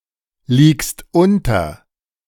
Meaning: second-person singular present of unterliegen
- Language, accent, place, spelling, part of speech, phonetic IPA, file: German, Germany, Berlin, liegst unter, verb, [ˌliːkst ˈʊntɐ], De-liegst unter.ogg